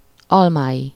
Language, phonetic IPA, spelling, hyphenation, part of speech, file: Hungarian, [ˈɒlmaːji], almái, al‧mái, noun, Hu-almái.ogg
- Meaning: third-person singular multiple-possession possessive of alma